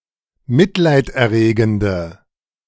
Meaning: inflection of mitleiderregend: 1. strong/mixed nominative/accusative feminine singular 2. strong nominative/accusative plural 3. weak nominative all-gender singular
- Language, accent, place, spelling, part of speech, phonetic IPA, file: German, Germany, Berlin, mitleiderregende, adjective, [ˈmɪtlaɪ̯tʔɛɐ̯ˌʁeːɡn̩də], De-mitleiderregende.ogg